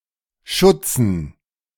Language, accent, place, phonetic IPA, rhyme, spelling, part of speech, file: German, Germany, Berlin, [ˈʃʊt͡sn̩], -ʊt͡sn̩, Schutzen, noun, De-Schutzen.ogg
- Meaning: dative plural of Schutz